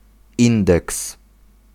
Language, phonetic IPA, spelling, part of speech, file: Polish, [ˈĩndɛks], indeks, noun, Pl-indeks.ogg